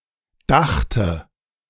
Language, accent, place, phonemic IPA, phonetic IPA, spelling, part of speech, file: German, Germany, Berlin, /ˈdaxtə/, [ˈdaχtə], dachte, verb, De-dachte.ogg
- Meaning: first/third-person singular preterite of denken